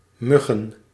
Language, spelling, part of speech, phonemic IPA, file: Dutch, muggen, noun, /ˈmʏɣə(n)/, Nl-muggen.ogg
- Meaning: plural of mug